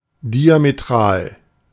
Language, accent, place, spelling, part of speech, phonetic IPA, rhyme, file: German, Germany, Berlin, diametral, adjective, [diameˈtʁaːl], -aːl, De-diametral.ogg
- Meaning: diametral